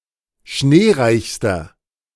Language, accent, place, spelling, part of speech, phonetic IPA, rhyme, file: German, Germany, Berlin, schneereichster, adjective, [ˈʃneːˌʁaɪ̯çstɐ], -eːʁaɪ̯çstɐ, De-schneereichster.ogg
- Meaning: inflection of schneereich: 1. strong/mixed nominative masculine singular superlative degree 2. strong genitive/dative feminine singular superlative degree 3. strong genitive plural superlative degree